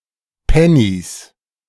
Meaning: genitive singular of Penny
- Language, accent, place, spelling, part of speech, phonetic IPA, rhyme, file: German, Germany, Berlin, Pennys, noun, [ˈpɛnis], -ɛnis, De-Pennys.ogg